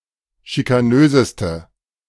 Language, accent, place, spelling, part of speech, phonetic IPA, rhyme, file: German, Germany, Berlin, schikanöseste, adjective, [ʃikaˈnøːzəstə], -øːzəstə, De-schikanöseste.ogg
- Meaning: inflection of schikanös: 1. strong/mixed nominative/accusative feminine singular superlative degree 2. strong nominative/accusative plural superlative degree